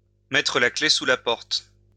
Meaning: alternative spelling of mettre la clé sous la porte
- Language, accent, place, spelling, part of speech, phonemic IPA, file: French, France, Lyon, mettre la clef sous la porte, verb, /mɛ.tʁə la kle su la pɔʁt/, LL-Q150 (fra)-mettre la clef sous la porte.wav